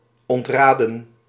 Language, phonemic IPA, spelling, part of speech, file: Dutch, /ˌɔntˈraː.də(n)/, ontraden, verb, Nl-ontraden.ogg
- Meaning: 1. to advise or counsel against 2. past participle of ontraden